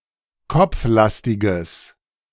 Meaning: strong/mixed nominative/accusative neuter singular of kopflastig
- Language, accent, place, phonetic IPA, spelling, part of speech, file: German, Germany, Berlin, [ˈkɔp͡fˌlastɪɡəs], kopflastiges, adjective, De-kopflastiges.ogg